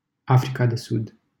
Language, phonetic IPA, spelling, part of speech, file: Romanian, [af.ri.ka.de.sud], Africa de Sud, proper noun, LL-Q7913 (ron)-Africa de Sud.wav
- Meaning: South Africa (a country in Southern Africa)